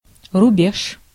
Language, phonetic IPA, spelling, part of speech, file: Russian, [rʊˈbʲeʂ], рубеж, noun, Ru-рубеж.ogg
- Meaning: 1. boundary, border, borderline, frontier (the line or frontier area separating regions) 2. line